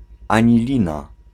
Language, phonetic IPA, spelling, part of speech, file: Polish, [ˌãɲiˈlʲĩna], anilina, noun, Pl-anilina.ogg